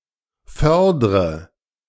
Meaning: inflection of fördern: 1. first-person singular present 2. first/third-person singular subjunctive I 3. singular imperative
- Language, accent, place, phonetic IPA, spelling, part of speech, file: German, Germany, Berlin, [ˈfœʁdʁə], fördre, verb, De-fördre.ogg